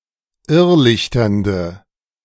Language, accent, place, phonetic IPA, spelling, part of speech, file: German, Germany, Berlin, [ˈɪʁˌlɪçtɐndə], irrlichternde, adjective, De-irrlichternde.ogg
- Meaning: inflection of irrlichternd: 1. strong/mixed nominative/accusative feminine singular 2. strong nominative/accusative plural 3. weak nominative all-gender singular